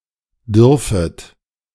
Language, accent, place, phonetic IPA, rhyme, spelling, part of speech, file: German, Germany, Berlin, [ˈdʏʁfət], -ʏʁfət, dürfet, verb, De-dürfet.ogg
- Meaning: second-person plural subjunctive I of dürfen